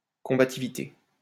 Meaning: combativeness
- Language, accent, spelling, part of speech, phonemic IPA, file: French, France, combativité, noun, /kɔ̃.ba.ti.vi.te/, LL-Q150 (fra)-combativité.wav